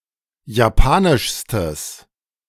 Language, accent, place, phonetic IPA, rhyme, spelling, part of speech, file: German, Germany, Berlin, [jaˈpaːnɪʃstəs], -aːnɪʃstəs, japanischstes, adjective, De-japanischstes.ogg
- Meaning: strong/mixed nominative/accusative neuter singular superlative degree of japanisch